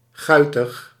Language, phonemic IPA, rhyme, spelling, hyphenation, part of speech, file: Dutch, /ˈɣœy̯təx/, -œy̯təx, guitig, gui‧tig, adjective, Nl-guitig.ogg
- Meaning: mischievous, cheeky